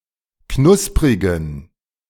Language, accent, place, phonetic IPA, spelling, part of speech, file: German, Germany, Berlin, [ˈknʊspʁɪɡn̩], knusprigen, adjective, De-knusprigen.ogg
- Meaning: inflection of knusprig: 1. strong genitive masculine/neuter singular 2. weak/mixed genitive/dative all-gender singular 3. strong/weak/mixed accusative masculine singular 4. strong dative plural